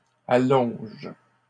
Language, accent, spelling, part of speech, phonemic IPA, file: French, Canada, allongent, verb, /a.lɔ̃ʒ/, LL-Q150 (fra)-allongent.wav
- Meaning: third-person plural present indicative/subjunctive of allonger